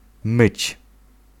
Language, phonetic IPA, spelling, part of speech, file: Polish, [mɨt͡ɕ], myć, verb, Pl-myć.ogg